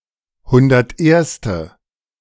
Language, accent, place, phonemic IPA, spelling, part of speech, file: German, Germany, Berlin, /ˈhʊndɐtˌʔeːɐ̯stə/, hunderterste, adjective, De-hunderterste.ogg
- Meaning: hundred-and-first; at the position numbered 101